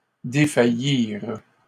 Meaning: third-person plural past historic of défaillir
- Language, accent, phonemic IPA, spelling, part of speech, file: French, Canada, /de.fa.jiʁ/, défaillirent, verb, LL-Q150 (fra)-défaillirent.wav